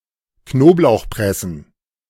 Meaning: plural of Knoblauchpresse
- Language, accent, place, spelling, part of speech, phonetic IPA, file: German, Germany, Berlin, Knoblauchpressen, noun, [ˈknoːplaʊ̯xˌpʁɛsn̩], De-Knoblauchpressen.ogg